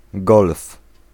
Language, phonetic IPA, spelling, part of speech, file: Polish, [ɡɔlf], golf, noun / proper noun, Pl-golf.ogg